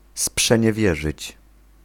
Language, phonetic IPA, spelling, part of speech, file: Polish, [ˌspʃɛ̃ɲɛˈvʲjɛʒɨt͡ɕ], sprzeniewierzyć, verb, Pl-sprzeniewierzyć.ogg